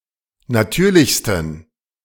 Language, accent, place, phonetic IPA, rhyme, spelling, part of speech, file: German, Germany, Berlin, [naˈtyːɐ̯lɪçstn̩], -yːɐ̯lɪçstn̩, natürlichsten, adjective, De-natürlichsten.ogg
- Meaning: 1. superlative degree of natürlich 2. inflection of natürlich: strong genitive masculine/neuter singular superlative degree